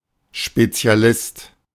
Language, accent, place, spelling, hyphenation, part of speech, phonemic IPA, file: German, Germany, Berlin, Spezialist, Spe‧zi‧a‧list, noun, /ʃpet͡si̯aˈlɪst/, De-Spezialist.ogg
- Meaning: specialist